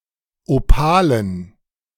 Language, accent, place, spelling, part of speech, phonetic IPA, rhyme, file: German, Germany, Berlin, Opalen, noun, [oˈpaːlən], -aːlən, De-Opalen.ogg
- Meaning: dative plural of Opal